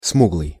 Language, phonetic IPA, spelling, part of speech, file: Russian, [ˈsmuɡɫɨj], смуглый, adjective, Ru-смуглый.ogg
- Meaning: dark, dark-skinned, swarthy (of complexion or skin colour/color)